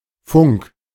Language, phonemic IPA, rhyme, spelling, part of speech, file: German, /fʊŋk/, -ʊŋk, Funk, noun, De-Funk.ogg
- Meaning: radio (technology)